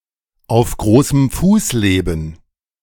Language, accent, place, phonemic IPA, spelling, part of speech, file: German, Germany, Berlin, /aʊ̯f ˈɡʁoːsəm ˈfuːs ˌleːbən/, auf großem Fuß leben, verb, De-auf großem Fuß leben.ogg
- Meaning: to have an expensive life-style, to live the high life